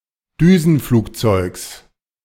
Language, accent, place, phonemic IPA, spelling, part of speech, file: German, Germany, Berlin, /ˈdyːzn̩ˌfluːkˌtsɔɪ̯ɡs/, Düsenflugzeugs, noun, De-Düsenflugzeugs.ogg
- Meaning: genitive singular of Düsenflugzeug